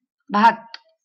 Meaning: cooked rice
- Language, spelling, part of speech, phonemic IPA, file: Marathi, भात, noun, /bʱat̪/, LL-Q1571 (mar)-भात.wav